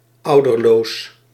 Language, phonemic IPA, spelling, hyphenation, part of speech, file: Dutch, /ˈɑu̯.dərˌloːs/, ouderloos, ou‧der‧loos, adjective, Nl-ouderloos.ogg
- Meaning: parentless, without any parent